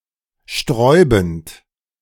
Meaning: present participle of sträuben
- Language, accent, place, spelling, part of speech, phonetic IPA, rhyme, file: German, Germany, Berlin, sträubend, verb, [ˈʃtʁɔɪ̯bn̩t], -ɔɪ̯bn̩t, De-sträubend.ogg